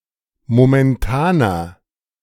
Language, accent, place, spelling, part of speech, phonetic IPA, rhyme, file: German, Germany, Berlin, momentaner, adjective, [momɛnˈtaːnɐ], -aːnɐ, De-momentaner.ogg
- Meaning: inflection of momentan: 1. strong/mixed nominative masculine singular 2. strong genitive/dative feminine singular 3. strong genitive plural